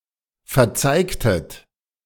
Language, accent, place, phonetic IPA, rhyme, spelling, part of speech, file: German, Germany, Berlin, [fɛɐ̯ˈt͡saɪ̯ktət], -aɪ̯ktət, verzeigtet, verb, De-verzeigtet.ogg
- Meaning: inflection of verzeigen: 1. second-person plural preterite 2. second-person plural subjunctive II